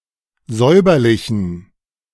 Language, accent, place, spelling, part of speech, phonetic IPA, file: German, Germany, Berlin, säuberlichen, adjective, [ˈzɔɪ̯bɐlɪçn̩], De-säuberlichen.ogg
- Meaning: inflection of säuberlich: 1. strong genitive masculine/neuter singular 2. weak/mixed genitive/dative all-gender singular 3. strong/weak/mixed accusative masculine singular 4. strong dative plural